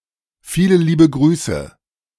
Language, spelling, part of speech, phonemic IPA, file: German, viele liebe Grüße, phrase, /ˈfiːlə ˈliːbə ˈɡʁyːsə/, De-Viele liebe Grüße.ogg
- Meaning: yours sincerely, sincerely yours; a polite formula to end a letter, especially when the recipient's name is known to the sender, for example in an informal letter